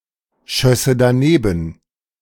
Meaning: first/third-person singular subjunctive II of danebenschießen
- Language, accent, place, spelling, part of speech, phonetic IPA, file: German, Germany, Berlin, schösse daneben, verb, [ˌʃœsə daˈneːbn̩], De-schösse daneben.ogg